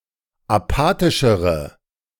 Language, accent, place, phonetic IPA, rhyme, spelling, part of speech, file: German, Germany, Berlin, [aˈpaːtɪʃəʁə], -aːtɪʃəʁə, apathischere, adjective, De-apathischere.ogg
- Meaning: inflection of apathisch: 1. strong/mixed nominative/accusative feminine singular comparative degree 2. strong nominative/accusative plural comparative degree